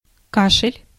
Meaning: cough
- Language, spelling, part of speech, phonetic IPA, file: Russian, кашель, noun, [ˈkaʂɨlʲ], Ru-кашель.ogg